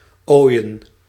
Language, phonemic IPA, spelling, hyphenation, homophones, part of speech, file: Dutch, /ˈoːi̯.ə(n)/, ooien, ooi‧en, Oijen / Ooijen / Oyen, noun, Nl-ooien.ogg
- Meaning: plural of ooi